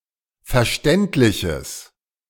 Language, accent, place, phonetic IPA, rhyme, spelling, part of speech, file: German, Germany, Berlin, [fɛɐ̯ˈʃtɛntlɪçəs], -ɛntlɪçəs, verständliches, adjective, De-verständliches.ogg
- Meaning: strong/mixed nominative/accusative neuter singular of verständlich